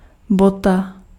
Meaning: 1. boot 2. shoe 3. mistake
- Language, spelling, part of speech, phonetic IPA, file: Czech, bota, noun, [ˈbota], Cs-bota.ogg